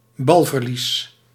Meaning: loss of possession
- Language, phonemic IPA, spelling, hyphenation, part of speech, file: Dutch, /ˈbɑl.vərˌlis/, balverlies, bal‧ver‧lies, noun, Nl-balverlies.ogg